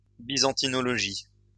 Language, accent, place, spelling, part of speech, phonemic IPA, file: French, France, Lyon, byzantinologie, noun, /bi.zɑ̃.ti.nɔ.lɔ.ʒi/, LL-Q150 (fra)-byzantinologie.wav
- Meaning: study of Byzantium; Byzantinology